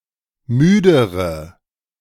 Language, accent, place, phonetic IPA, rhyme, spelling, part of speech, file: German, Germany, Berlin, [ˈmyːdəʁə], -yːdəʁə, müdere, adjective, De-müdere.ogg
- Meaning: inflection of müde: 1. strong/mixed nominative/accusative feminine singular comparative degree 2. strong nominative/accusative plural comparative degree